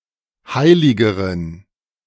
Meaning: inflection of heilig: 1. strong genitive masculine/neuter singular comparative degree 2. weak/mixed genitive/dative all-gender singular comparative degree
- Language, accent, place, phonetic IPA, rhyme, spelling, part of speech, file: German, Germany, Berlin, [ˈhaɪ̯lɪɡəʁən], -aɪ̯lɪɡəʁən, heiligeren, adjective, De-heiligeren.ogg